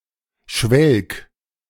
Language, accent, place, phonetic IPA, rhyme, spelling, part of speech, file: German, Germany, Berlin, [ʃvɛlk], -ɛlk, schwelg, verb, De-schwelg.ogg
- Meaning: 1. singular imperative of schwelgen 2. first-person singular present of schwelgen